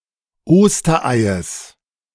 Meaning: genitive singular of Osterei
- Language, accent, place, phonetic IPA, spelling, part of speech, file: German, Germany, Berlin, [ˈoːstɐˌʔaɪ̯əs], Ostereies, noun, De-Ostereies.ogg